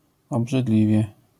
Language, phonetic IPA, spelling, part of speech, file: Polish, [ˌɔbʒɨˈdlʲivʲjɛ], obrzydliwie, adverb, LL-Q809 (pol)-obrzydliwie.wav